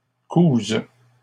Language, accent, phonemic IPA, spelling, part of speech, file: French, Canada, /kuz/, cousent, verb, LL-Q150 (fra)-cousent.wav
- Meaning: third-person plural present indicative/subjunctive of coudre